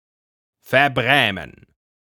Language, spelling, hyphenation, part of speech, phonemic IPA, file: German, verbrämen, ver‧brä‧men, verb, /feʁˈbʁɛːmən/, De-verbrämen.ogg
- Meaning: 1. to embellish (a piece of clothing), especially with a trimming, edging, brim 2. to mask, veil, cloud, sugarcoat (euphemize something negative, especially by making it vague)